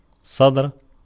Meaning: 1. verbal noun of صَدَرَ (ṣadara, “to emerge; to materialize; to be released publicly”) (form I) 2. verbal noun of صَدَرَ (ṣadara, “to hit in the chest”) (form I) 3. a chest, a breast: a bust, a bosom
- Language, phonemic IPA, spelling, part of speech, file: Arabic, /sˤadr/, صدر, noun, Ar-صدر.ogg